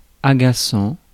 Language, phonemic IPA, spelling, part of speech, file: French, /a.ɡa.sɑ̃/, agaçant, verb / adjective, Fr-agaçant.ogg
- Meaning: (verb) present participle of agacer; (adjective) annoying